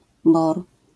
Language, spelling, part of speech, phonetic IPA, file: Polish, bohr, noun, [bɔxr̥], LL-Q809 (pol)-bohr.wav